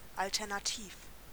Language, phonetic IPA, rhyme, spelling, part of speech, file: German, [ˌaltɛʁnaˈtiːf], -iːf, alternativ, adjective, De-alternativ.ogg
- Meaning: alternative